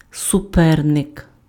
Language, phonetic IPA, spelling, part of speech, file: Ukrainian, [sʊˈpɛrnek], суперник, noun, Uk-суперник.ogg
- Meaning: rival, competitor